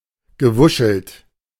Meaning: past participle of wuscheln
- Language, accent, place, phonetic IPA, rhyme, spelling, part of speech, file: German, Germany, Berlin, [ɡəˈvʊʃl̩t], -ʊʃl̩t, gewuschelt, verb, De-gewuschelt.ogg